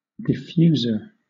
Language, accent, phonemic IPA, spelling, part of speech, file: English, Southern England, /dɪˈfjuːzə(ɹ)/, diffuser, noun, LL-Q1860 (eng)-diffuser.wav
- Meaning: 1. Any person or thing that diffuses 2. A device designed to diffuse a scent efficiently 3. Any device that or spreads out or scatters light, making the light appear softer